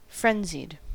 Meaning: In a state of hurry, panic or wild activity
- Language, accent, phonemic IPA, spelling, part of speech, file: English, US, /ˈfɹɛnzid/, frenzied, adjective, En-us-frenzied.ogg